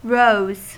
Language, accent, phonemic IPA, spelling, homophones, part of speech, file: English, US, /ɹoʊz/, rows, roes / rose, noun, En-us-rows.ogg
- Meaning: plural of row